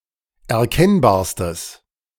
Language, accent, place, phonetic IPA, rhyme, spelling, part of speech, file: German, Germany, Berlin, [ɛɐ̯ˈkɛnbaːɐ̯stəs], -ɛnbaːɐ̯stəs, erkennbarstes, adjective, De-erkennbarstes.ogg
- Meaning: strong/mixed nominative/accusative neuter singular superlative degree of erkennbar